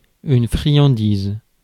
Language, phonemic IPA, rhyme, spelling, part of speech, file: French, /fʁi.jɑ̃.diz/, -iz, friandise, noun, Fr-friandise.ogg
- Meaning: 1. sweet; cake; piece of cake 2. something small and dainty